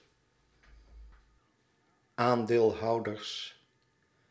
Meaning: plural of aandeelhouder
- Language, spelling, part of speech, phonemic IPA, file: Dutch, aandeelhouders, noun, /ˈandelˌhɑudərs/, Nl-aandeelhouders.ogg